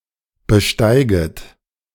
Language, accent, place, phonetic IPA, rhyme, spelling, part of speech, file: German, Germany, Berlin, [bəˈʃtaɪ̯ɡət], -aɪ̯ɡət, besteiget, verb, De-besteiget.ogg
- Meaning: second-person plural subjunctive I of besteigen